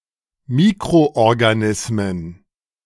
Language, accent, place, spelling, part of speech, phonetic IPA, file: German, Germany, Berlin, Mikroorganismen, noun, [ˈmiːkʁoʔɔʁɡaˌnɪsmən], De-Mikroorganismen.ogg
- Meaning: plural of Mikroorganismus